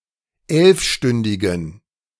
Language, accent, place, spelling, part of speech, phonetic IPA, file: German, Germany, Berlin, elfstündigen, adjective, [ˈɛlfˌʃtʏndɪɡn̩], De-elfstündigen.ogg
- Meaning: inflection of elfstündig: 1. strong genitive masculine/neuter singular 2. weak/mixed genitive/dative all-gender singular 3. strong/weak/mixed accusative masculine singular 4. strong dative plural